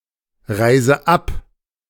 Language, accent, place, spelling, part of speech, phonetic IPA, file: German, Germany, Berlin, reise ab, verb, [ˌʁaɪ̯zə ˈap], De-reise ab.ogg
- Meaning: inflection of abreisen: 1. first-person singular present 2. first/third-person singular subjunctive I 3. singular imperative